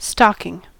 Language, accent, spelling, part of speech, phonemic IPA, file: English, US, stocking, noun / verb, /ˈstɑkɪŋ/, En-us-stocking.ogg
- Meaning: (noun) A soft garment, usually knit or woven, worn on the foot and lower leg under shoes or other footwear